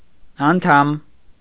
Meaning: 1. outer member, limb 2. term 3. member, fellow 4. constituent 5. penis
- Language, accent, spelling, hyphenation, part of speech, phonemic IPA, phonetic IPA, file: Armenian, Eastern Armenian, անդամ, ան‧դամ, noun, /ɑnˈtʰɑm/, [ɑntʰɑ́m], Hy-անդամ.ogg